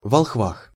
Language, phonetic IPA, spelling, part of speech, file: Russian, [vɐɫxˈvax], волхвах, noun, Ru-волхвах.ogg
- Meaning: prepositional plural of волхв (volxv)